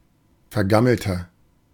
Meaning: 1. comparative degree of vergammelt 2. inflection of vergammelt: strong/mixed nominative masculine singular 3. inflection of vergammelt: strong genitive/dative feminine singular
- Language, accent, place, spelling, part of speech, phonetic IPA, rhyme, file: German, Germany, Berlin, vergammelter, adjective, [fɛɐ̯ˈɡaml̩tɐ], -aml̩tɐ, De-vergammelter.ogg